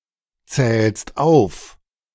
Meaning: second-person singular present of aufzählen
- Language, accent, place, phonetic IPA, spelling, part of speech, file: German, Germany, Berlin, [ˌt͡sɛːlst ˈaʊ̯f], zählst auf, verb, De-zählst auf.ogg